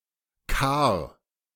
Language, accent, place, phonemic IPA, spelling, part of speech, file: German, Germany, Berlin, /kaːr/, Kar, noun, De-Kar.ogg
- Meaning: 1. cirque (curved depression in a mountainside) 2. bowl, vat, trough 3. a regionally varying certain unit of measure for grain 4. abbreviation of Karabiner (“carbine”)